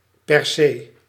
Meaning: 1. necessarily, absolutely, without fail 2. per se
- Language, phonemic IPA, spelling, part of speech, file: Dutch, /pɛrˈseː/, per se, adverb, Nl-per se.ogg